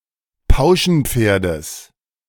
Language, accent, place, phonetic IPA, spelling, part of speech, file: German, Germany, Berlin, [ˈpaʊ̯ʃn̩ˌp͡feːɐ̯dəs], Pauschenpferdes, noun, De-Pauschenpferdes.ogg
- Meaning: genitive singular of Pauschenpferd